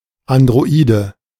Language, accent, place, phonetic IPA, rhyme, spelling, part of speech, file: German, Germany, Berlin, [ˌandʁoˈiːdə], -iːdə, Androide, noun, De-Androide.ogg
- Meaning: android